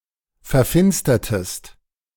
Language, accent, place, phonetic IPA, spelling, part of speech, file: German, Germany, Berlin, [fɛɐ̯ˈfɪnstɐtəst], verfinstertest, verb, De-verfinstertest.ogg
- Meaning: inflection of verfinstern: 1. second-person singular preterite 2. second-person singular subjunctive II